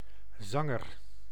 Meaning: a singer, songster
- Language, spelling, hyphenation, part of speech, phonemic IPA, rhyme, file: Dutch, zanger, zan‧ger, noun, /ˈzɑŋər/, -ɑŋər, Nl-zanger.ogg